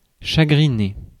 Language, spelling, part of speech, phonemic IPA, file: French, chagriner, verb, /ʃa.ɡʁi.ne/, Fr-chagriner.ogg
- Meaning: 1. to bother, worry 2. to grieve 3. to upset